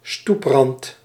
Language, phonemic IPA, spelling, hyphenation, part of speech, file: Dutch, /ˈstup.rɑnt/, stoeprand, stoep‧rand, noun, Nl-stoeprand.ogg
- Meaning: a kerb, the edge of a pavement